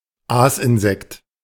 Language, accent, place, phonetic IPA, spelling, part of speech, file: German, Germany, Berlin, [ˈaːsʔɪnˌzɛkt], Aasinsekt, noun, De-Aasinsekt.ogg
- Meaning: carrion insect